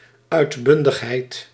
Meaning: exuberance (enthusiasm, abundance)
- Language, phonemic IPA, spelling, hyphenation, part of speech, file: Dutch, /ˌœy̯tˈbʏn.dəx.ɦɛi̯t/, uitbundigheid, uit‧bun‧dig‧heid, noun, Nl-uitbundigheid.ogg